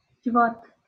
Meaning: 1. community, people, society 2. company 3. legislature 4. denomination 5. council, congregation 6. session
- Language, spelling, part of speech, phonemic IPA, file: Northern Kurdish, civat, noun, /d͡ʒɪˈvɑːt/, LL-Q36368 (kur)-civat.wav